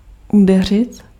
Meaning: 1. to strike 2. to make landfall
- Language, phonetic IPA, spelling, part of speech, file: Czech, [ˈudɛr̝ɪt], udeřit, verb, Cs-udeřit.ogg